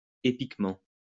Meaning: epically
- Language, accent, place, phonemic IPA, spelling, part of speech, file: French, France, Lyon, /e.pik.mɑ̃/, épiquement, adverb, LL-Q150 (fra)-épiquement.wav